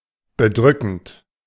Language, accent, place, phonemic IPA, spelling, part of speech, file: German, Germany, Berlin, /bəˈdʁʏkənt/, bedrückend, verb / adjective, De-bedrückend.ogg
- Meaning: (verb) present participle of bedrücken; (adjective) 1. oppressive, burdensome 2. depressing, gloomy